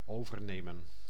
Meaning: to take over
- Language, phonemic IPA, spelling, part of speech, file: Dutch, /ˈovərˌnemə(n)/, overnemen, verb, Nl-overnemen.ogg